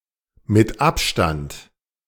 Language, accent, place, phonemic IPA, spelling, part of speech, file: German, Germany, Berlin, /mɪt ˈʔapʃtant/, mit Abstand, adverb, De-mit Abstand.ogg
- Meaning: by far